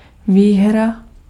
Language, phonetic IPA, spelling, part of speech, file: Czech, [ˈviːɦra], výhra, noun, Cs-výhra.ogg
- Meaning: 1. win 2. prize